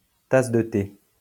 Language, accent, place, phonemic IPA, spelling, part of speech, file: French, France, Lyon, /tas də te/, tasse de thé, noun, LL-Q150 (fra)-tasse de thé.wav
- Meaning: 1. cup of tea (tea in a cup) 2. cup of tea, cup of joe (personal taste)